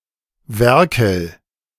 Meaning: inflection of werkeln: 1. first-person singular present 2. singular imperative
- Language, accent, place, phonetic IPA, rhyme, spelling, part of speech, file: German, Germany, Berlin, [ˈvɛʁkl̩], -ɛʁkl̩, werkel, verb, De-werkel.ogg